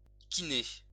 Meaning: physio (physiotherapist)
- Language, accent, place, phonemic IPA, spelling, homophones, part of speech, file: French, France, Lyon, /ki.ne/, kiné, kinés, noun, LL-Q150 (fra)-kiné.wav